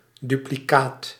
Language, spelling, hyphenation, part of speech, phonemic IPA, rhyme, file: Dutch, duplicaat, du‧pli‧caat, noun, /ˌdy.pliˈkaːt/, -aːt, Nl-duplicaat.ogg
- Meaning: duplicate, copy